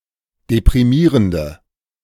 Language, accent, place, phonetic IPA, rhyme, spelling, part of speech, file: German, Germany, Berlin, [depʁiˈmiːʁəndə], -iːʁəndə, deprimierende, adjective, De-deprimierende.ogg
- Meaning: inflection of deprimierend: 1. strong/mixed nominative/accusative feminine singular 2. strong nominative/accusative plural 3. weak nominative all-gender singular